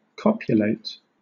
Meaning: To engage in sexual intercourse
- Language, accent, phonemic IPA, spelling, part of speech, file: English, Southern England, /ˈkɒp.jʊ.leɪt/, copulate, verb, LL-Q1860 (eng)-copulate.wav